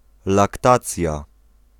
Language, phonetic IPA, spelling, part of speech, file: Polish, [lakˈtat͡sʲja], laktacja, noun, Pl-laktacja.ogg